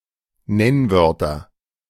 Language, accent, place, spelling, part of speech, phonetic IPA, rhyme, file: German, Germany, Berlin, Nennwörter, noun, [ˈnɛnˌvœʁtɐ], -ɛnvœʁtɐ, De-Nennwörter.ogg
- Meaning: nominative/accusative/genitive plural of Nennwort